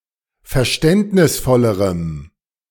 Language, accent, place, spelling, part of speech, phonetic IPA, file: German, Germany, Berlin, verständnisvollerem, adjective, [fɛɐ̯ˈʃtɛntnɪsˌfɔləʁəm], De-verständnisvollerem.ogg
- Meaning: strong dative masculine/neuter singular comparative degree of verständnisvoll